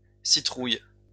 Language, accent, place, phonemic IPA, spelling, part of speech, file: French, France, Lyon, /si.tʁuj/, citrouilles, noun, LL-Q150 (fra)-citrouilles.wav
- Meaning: plural of citrouille